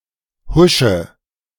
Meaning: inflection of huschen: 1. first-person singular present 2. first/third-person singular subjunctive I 3. singular imperative
- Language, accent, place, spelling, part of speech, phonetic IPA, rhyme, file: German, Germany, Berlin, husche, verb, [ˈhʊʃə], -ʊʃə, De-husche.ogg